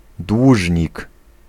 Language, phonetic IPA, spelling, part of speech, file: Polish, [ˈdwuʒʲɲik], dłużnik, noun, Pl-dłużnik.ogg